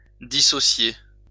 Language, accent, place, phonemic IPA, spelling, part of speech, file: French, France, Lyon, /di.sɔ.sje/, dissocier, verb, LL-Q150 (fra)-dissocier.wav
- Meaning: 1. to dissociate 2. to break up, separate